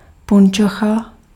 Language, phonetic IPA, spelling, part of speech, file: Czech, [ˈpunt͡ʃoxa], punčocha, noun, Cs-punčocha.ogg
- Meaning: stocking